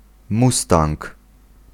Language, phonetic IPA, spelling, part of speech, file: Polish, [ˈmustãŋk], mustang, noun, Pl-mustang.ogg